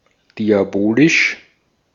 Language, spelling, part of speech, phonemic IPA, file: German, diabolisch, adjective, /ˌdiaˈboːlɪʃ/, De-at-diabolisch.ogg
- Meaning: diabolic (showing wickedness typical of a devil)